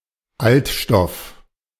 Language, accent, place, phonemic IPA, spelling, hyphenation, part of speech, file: German, Germany, Berlin, /ˈaltˌʃtɔf/, Altstoff, Alt‧stoff, noun, De-Altstoff.ogg
- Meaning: used material